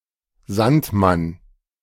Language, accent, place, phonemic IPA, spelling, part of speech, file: German, Germany, Berlin, /ˈzantˌman/, Sandmann, noun, De-Sandmann.ogg
- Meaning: sandman